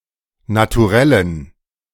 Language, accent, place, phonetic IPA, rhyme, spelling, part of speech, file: German, Germany, Berlin, [natuˈʁɛlən], -ɛlən, Naturellen, noun, De-Naturellen.ogg
- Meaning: dative plural of Naturell